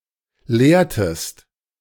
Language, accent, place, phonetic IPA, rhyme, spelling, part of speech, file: German, Germany, Berlin, [ˈleːɐ̯təst], -eːɐ̯təst, leertest, verb, De-leertest.ogg
- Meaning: inflection of leeren: 1. second-person singular preterite 2. second-person singular subjunctive II